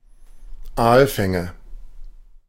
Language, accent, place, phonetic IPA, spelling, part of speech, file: German, Germany, Berlin, [ˈaːlˌfɛŋə], Aalfänge, noun, De-Aalfänge.ogg
- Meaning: nominative/accusative/genitive plural of Aalfang